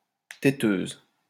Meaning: female equivalent of téteux
- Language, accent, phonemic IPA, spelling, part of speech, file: French, France, /te.tøz/, téteuse, noun, LL-Q150 (fra)-téteuse.wav